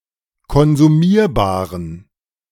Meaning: inflection of konsumierbar: 1. strong genitive masculine/neuter singular 2. weak/mixed genitive/dative all-gender singular 3. strong/weak/mixed accusative masculine singular 4. strong dative plural
- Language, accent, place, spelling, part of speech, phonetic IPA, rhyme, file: German, Germany, Berlin, konsumierbaren, adjective, [kɔnzuˈmiːɐ̯baːʁən], -iːɐ̯baːʁən, De-konsumierbaren.ogg